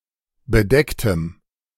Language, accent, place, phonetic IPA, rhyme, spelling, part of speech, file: German, Germany, Berlin, [bəˈdɛktəm], -ɛktəm, bedecktem, adjective, De-bedecktem.ogg
- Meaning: strong dative masculine/neuter singular of bedeckt